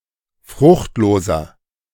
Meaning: 1. comparative degree of fruchtlos 2. inflection of fruchtlos: strong/mixed nominative masculine singular 3. inflection of fruchtlos: strong genitive/dative feminine singular
- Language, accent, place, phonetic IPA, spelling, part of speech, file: German, Germany, Berlin, [ˈfʁʊxtˌloːzɐ], fruchtloser, adjective, De-fruchtloser.ogg